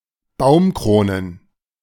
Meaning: plural of Baumkrone
- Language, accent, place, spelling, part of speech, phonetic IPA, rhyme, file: German, Germany, Berlin, Baumkronen, noun, [ˈbaʊ̯mˌkʁoːnən], -aʊ̯mkʁoːnən, De-Baumkronen.ogg